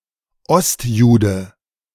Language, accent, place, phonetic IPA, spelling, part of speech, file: German, Germany, Berlin, [ˈɔstˌjuːdə], Ostjude, noun, De-Ostjude.ogg
- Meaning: Eastern European Jew